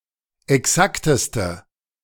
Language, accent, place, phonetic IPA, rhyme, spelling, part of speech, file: German, Germany, Berlin, [ɛˈksaktəstə], -aktəstə, exakteste, adjective, De-exakteste.ogg
- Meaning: inflection of exakt: 1. strong/mixed nominative/accusative feminine singular superlative degree 2. strong nominative/accusative plural superlative degree